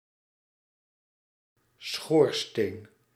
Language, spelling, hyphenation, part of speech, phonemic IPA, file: Dutch, schoorsteen, schoor‧steen, noun, /ˈsxoːr.steːn/, Nl-schoorsteen.ogg
- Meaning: 1. a chimney (vertical tube or hollow column; a flue) 2. the smokestack of a steamboat or steam locomotive